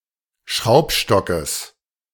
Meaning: genitive singular of Schraubstock
- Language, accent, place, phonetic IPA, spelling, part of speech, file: German, Germany, Berlin, [ˈʃʁaʊ̯pˌʃtɔkəs], Schraubstockes, noun, De-Schraubstockes.ogg